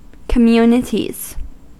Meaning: plural of community
- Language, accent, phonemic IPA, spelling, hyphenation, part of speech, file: English, US, /kəˈmjuːnɪtiz/, communities, com‧mu‧ni‧ties, noun, En-us-communities.ogg